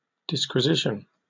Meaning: 1. A methodical inquiry or investigation 2. A lengthy, formal discourse that analyses or explains some topic; (loosely) a dissertation or treatise
- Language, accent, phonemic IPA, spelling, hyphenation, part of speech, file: English, Received Pronunciation, /ˌdɪskwɪˈzɪʃ(ə)n/, disquisition, dis‧qui‧sit‧ion, noun, En-uk-disquisition.oga